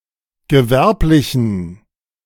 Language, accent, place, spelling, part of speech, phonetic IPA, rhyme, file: German, Germany, Berlin, gewerblichen, adjective, [ɡəˈvɛʁplɪçn̩], -ɛʁplɪçn̩, De-gewerblichen.ogg
- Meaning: inflection of gewerblich: 1. strong genitive masculine/neuter singular 2. weak/mixed genitive/dative all-gender singular 3. strong/weak/mixed accusative masculine singular 4. strong dative plural